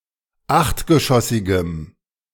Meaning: strong dative masculine/neuter singular of achtgeschossig
- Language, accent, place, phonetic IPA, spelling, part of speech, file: German, Germany, Berlin, [ˈaxtɡəˌʃɔsɪɡəm], achtgeschossigem, adjective, De-achtgeschossigem.ogg